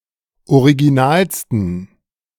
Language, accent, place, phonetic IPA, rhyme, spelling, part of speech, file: German, Germany, Berlin, [oʁiɡiˈnaːlstn̩], -aːlstn̩, originalsten, adjective, De-originalsten.ogg
- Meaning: 1. superlative degree of original 2. inflection of original: strong genitive masculine/neuter singular superlative degree